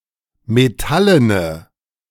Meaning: inflection of metallen: 1. strong/mixed nominative/accusative feminine singular 2. strong nominative/accusative plural 3. weak nominative all-gender singular
- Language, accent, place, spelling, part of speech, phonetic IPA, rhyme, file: German, Germany, Berlin, metallene, adjective, [meˈtalənə], -alənə, De-metallene.ogg